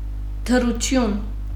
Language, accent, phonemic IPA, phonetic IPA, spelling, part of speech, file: Armenian, Western Armenian, /təɾuˈtʏn/, [tʰəɾutʰʏ́n], դրություն, noun, HyW-դրություն.ogg
- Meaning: 1. condition, state 2. status 3. position, situation